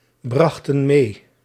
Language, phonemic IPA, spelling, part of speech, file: Dutch, /ˈbrɑxtə(n) ˈme/, brachten mee, verb, Nl-brachten mee.ogg
- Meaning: inflection of meebrengen: 1. plural past indicative 2. plural past subjunctive